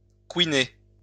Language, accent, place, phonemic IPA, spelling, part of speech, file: French, France, Lyon, /kwi.ne/, couiner, verb, LL-Q150 (fra)-couiner.wav
- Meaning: 1. to creak, squeak 2. to squeal, squeak